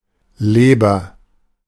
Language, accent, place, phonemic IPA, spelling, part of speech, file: German, Germany, Berlin, /ˈleːbɐ/, Leber, noun, De-Leber.ogg
- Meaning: 1. liver 2. someplace deep within one